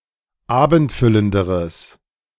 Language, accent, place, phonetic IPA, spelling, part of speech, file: German, Germany, Berlin, [ˈaːbn̩tˌfʏləndəʁəs], abendfüllenderes, adjective, De-abendfüllenderes.ogg
- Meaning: strong/mixed nominative/accusative neuter singular comparative degree of abendfüllend